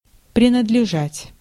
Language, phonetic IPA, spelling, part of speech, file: Russian, [prʲɪnədlʲɪˈʐatʲ], принадлежать, verb, Ru-принадлежать.ogg
- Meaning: 1. to belong (to) 2. to pertain